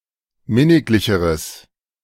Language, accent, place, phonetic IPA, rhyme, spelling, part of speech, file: German, Germany, Berlin, [ˈmɪnɪklɪçəʁəs], -ɪnɪklɪçəʁəs, minniglicheres, adjective, De-minniglicheres.ogg
- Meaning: strong/mixed nominative/accusative neuter singular comparative degree of minniglich